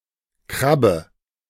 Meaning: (noun) 1. crab 2. shrimp 3. crocket; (proper noun) a surname
- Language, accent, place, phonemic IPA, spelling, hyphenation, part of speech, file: German, Germany, Berlin, /ˈkʁabə/, Krabbe, Krab‧be, noun / proper noun, De-Krabbe.ogg